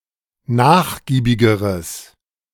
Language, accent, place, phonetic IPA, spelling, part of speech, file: German, Germany, Berlin, [ˈnaːxˌɡiːbɪɡəʁəs], nachgiebigeres, adjective, De-nachgiebigeres.ogg
- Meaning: strong/mixed nominative/accusative neuter singular comparative degree of nachgiebig